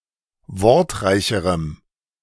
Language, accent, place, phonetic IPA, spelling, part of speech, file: German, Germany, Berlin, [ˈvɔʁtˌʁaɪ̯çəʁəm], wortreicherem, adjective, De-wortreicherem.ogg
- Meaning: strong dative masculine/neuter singular comparative degree of wortreich